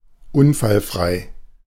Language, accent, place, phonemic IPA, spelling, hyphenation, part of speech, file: German, Germany, Berlin, /ˈʊnfalfʁaɪ̯/, unfallfrei, un‧fall‧frei, adjective, De-unfallfrei.ogg
- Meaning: accident-free